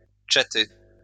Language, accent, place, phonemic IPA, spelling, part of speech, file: French, France, Lyon, /tʃa.te/, tchater, verb, LL-Q150 (fra)-tchater.wav
- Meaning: alternative form of tchatter